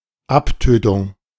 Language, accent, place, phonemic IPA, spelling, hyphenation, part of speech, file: German, Germany, Berlin, /ˈapˌtøːtʊŋ/, Abtötung, Ab‧tö‧tung, noun, De-Abtötung.ogg
- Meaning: 1. killing (esp. of bacteria) 2. mortification